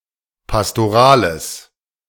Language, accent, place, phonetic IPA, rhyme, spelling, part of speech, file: German, Germany, Berlin, [pastoˈʁaːləs], -aːləs, pastorales, adjective, De-pastorales.ogg
- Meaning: strong/mixed nominative/accusative neuter singular of pastoral